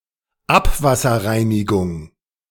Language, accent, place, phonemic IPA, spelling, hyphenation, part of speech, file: German, Germany, Berlin, /ˈapvasɐˌʁaɪ̯nɪɡʊŋ/, Abwasserreinigung, Ab‧was‧ser‧rei‧ni‧gung, noun, De-Abwasserreinigung.ogg
- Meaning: wastewater / sewage treatment